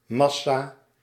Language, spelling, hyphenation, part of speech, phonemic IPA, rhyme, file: Dutch, massa, mas‧sa, noun, /ˈmɑ.saː/, -ɑsaː, Nl-massa.ogg
- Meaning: 1. mass 2. mass, large amount 3. multitude, mass, throng, crowd